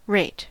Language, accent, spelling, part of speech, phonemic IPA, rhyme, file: English, US, rate, noun / verb, /ɹeɪt/, -eɪt, En-us-rate.ogg
- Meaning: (noun) 1. The worth of something; value 2. The proportional relationship between one amount, value etc. and another 3. Speed 4. The relative speed of change or progress